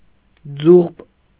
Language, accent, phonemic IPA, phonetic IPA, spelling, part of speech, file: Armenian, Eastern Armenian, /d͡zuχp/, [d͡zuχp], ձուղպ, noun, Hy-ձուղպ.ogg
- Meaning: alternative form of ձուղբ (juġb)